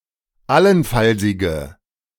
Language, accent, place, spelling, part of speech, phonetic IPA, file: German, Germany, Berlin, allenfallsige, adjective, [ˈalənˌfalzɪɡə], De-allenfallsige.ogg
- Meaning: inflection of allenfallsig: 1. strong/mixed nominative/accusative feminine singular 2. strong nominative/accusative plural 3. weak nominative all-gender singular